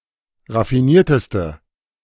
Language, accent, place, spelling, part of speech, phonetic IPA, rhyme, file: German, Germany, Berlin, raffinierteste, adjective, [ʁafiˈniːɐ̯təstə], -iːɐ̯təstə, De-raffinierteste.ogg
- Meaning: inflection of raffiniert: 1. strong/mixed nominative/accusative feminine singular superlative degree 2. strong nominative/accusative plural superlative degree